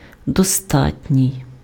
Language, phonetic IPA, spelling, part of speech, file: Ukrainian, [dɔˈstatʲnʲii̯], достатній, adjective, Uk-достатній.ogg
- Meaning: sufficient